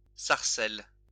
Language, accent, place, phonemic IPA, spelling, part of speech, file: French, France, Lyon, /saʁ.sɛl/, sarcelle, noun, LL-Q150 (fra)-sarcelle.wav
- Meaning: teal (ducklike bird)